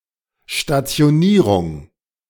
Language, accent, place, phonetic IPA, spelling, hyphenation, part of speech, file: German, Germany, Berlin, [ʃtatsi̯oˈniːʁʊŋ], Stationierung, Sta‧ti‧o‧nie‧rung, noun, De-Stationierung.ogg
- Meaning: stationing, deployment